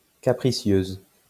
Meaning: feminine singular of capricieux
- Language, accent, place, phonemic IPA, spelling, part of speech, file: French, France, Lyon, /ka.pʁi.sjøz/, capricieuse, adjective, LL-Q150 (fra)-capricieuse.wav